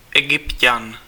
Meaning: Egyptian (male person)
- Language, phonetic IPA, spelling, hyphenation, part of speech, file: Czech, [ˈɛɡɪpcan], Egypťan, Egyp‧ťan, noun, Cs-Egypťan.ogg